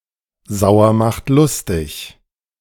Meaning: sour food is enjoyable and beneficial for body and soul
- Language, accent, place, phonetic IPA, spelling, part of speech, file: German, Germany, Berlin, [ˈzaʊ̯.ɐ maχt ˈlʊs.tɪç], Sauer macht lustig, phrase, De-Sauer macht lustig.ogg